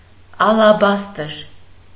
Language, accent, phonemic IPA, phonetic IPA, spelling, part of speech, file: Armenian, Eastern Armenian, /ɑlɑˈbɑstəɾ/, [ɑlɑbɑ́stəɾ], ալաբաստր, noun, Hy-ալաբաստր.ogg
- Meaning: alternative spelling of ալեբաստր (alebastr)